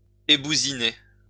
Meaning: to remove the 'soft crust' of a stone (which it has when taken out of the quarry)
- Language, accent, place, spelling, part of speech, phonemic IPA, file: French, France, Lyon, ébousiner, verb, /e.bu.zi.ne/, LL-Q150 (fra)-ébousiner.wav